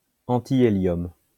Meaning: antihelium
- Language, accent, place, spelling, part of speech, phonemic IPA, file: French, France, Lyon, antihélium, noun, /ɑ̃.ti.e.ljɔm/, LL-Q150 (fra)-antihélium.wav